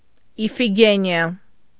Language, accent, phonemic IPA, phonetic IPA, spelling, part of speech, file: Armenian, Eastern Armenian, /ifiɡeniˈɑ/, [ifiɡenjɑ́], Իֆիգենիա, proper noun, Hy-Իֆիգենիա.ogg
- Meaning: alternative spelling of Իփիգենիա (Ipʻigenia)